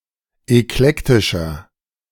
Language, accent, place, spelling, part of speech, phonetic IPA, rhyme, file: German, Germany, Berlin, eklektischer, adjective, [ɛkˈlɛktɪʃɐ], -ɛktɪʃɐ, De-eklektischer.ogg
- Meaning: 1. comparative degree of eklektisch 2. inflection of eklektisch: strong/mixed nominative masculine singular 3. inflection of eklektisch: strong genitive/dative feminine singular